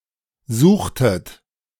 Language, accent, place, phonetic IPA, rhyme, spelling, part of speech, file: German, Germany, Berlin, [ˈzuːxtət], -uːxtət, suchtet, verb, De-suchtet.ogg
- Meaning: inflection of suchen: 1. second-person plural preterite 2. second-person plural subjunctive II